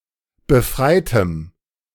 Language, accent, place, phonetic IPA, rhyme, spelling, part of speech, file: German, Germany, Berlin, [bəˈfʁaɪ̯təm], -aɪ̯təm, befreitem, adjective, De-befreitem.ogg
- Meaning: strong dative masculine/neuter singular of befreit